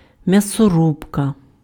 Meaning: 1. meatgrinder 2. massacre (killing of a large number of people, especially in war)
- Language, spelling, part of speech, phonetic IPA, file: Ukrainian, м'ясорубка, noun, [mjɐsoˈrubkɐ], Uk-м'ясорубка.ogg